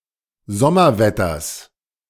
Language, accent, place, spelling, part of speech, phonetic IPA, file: German, Germany, Berlin, Sommerwetters, noun, [ˈzɔmɐˌvɛtɐs], De-Sommerwetters.ogg
- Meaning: genitive singular of Sommerwetter